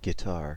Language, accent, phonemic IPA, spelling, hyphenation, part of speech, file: English, US, /ɡɪˈtɑɹ/, guitar, gui‧tar, noun / verb, En-us-guitar.ogg
- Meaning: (noun) A stringed musical instrument, of European origin, usually with a fretted fingerboard and six strings, played with the fingers or a plectrum (guitar pick)